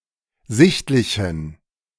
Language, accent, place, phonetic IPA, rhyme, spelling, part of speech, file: German, Germany, Berlin, [ˈzɪçtlɪçn̩], -ɪçtlɪçn̩, sichtlichen, adjective, De-sichtlichen.ogg
- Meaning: inflection of sichtlich: 1. strong genitive masculine/neuter singular 2. weak/mixed genitive/dative all-gender singular 3. strong/weak/mixed accusative masculine singular 4. strong dative plural